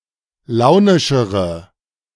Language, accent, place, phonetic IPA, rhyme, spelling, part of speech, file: German, Germany, Berlin, [ˈlaʊ̯nɪʃəʁə], -aʊ̯nɪʃəʁə, launischere, adjective, De-launischere.ogg
- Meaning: inflection of launisch: 1. strong/mixed nominative/accusative feminine singular comparative degree 2. strong nominative/accusative plural comparative degree